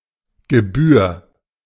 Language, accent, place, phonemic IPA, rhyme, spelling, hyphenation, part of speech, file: German, Germany, Berlin, /ɡəˈbyːɐ̯/, -yːɐ̯, Gebühr, Ge‧bühr, noun / proper noun, De-Gebühr.ogg
- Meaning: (noun) fee; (proper noun) a surname